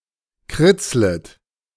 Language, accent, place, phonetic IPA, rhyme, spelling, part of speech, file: German, Germany, Berlin, [ˈkʁɪt͡slət], -ɪt͡slət, kritzlet, verb, De-kritzlet.ogg
- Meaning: second-person plural subjunctive I of kritzeln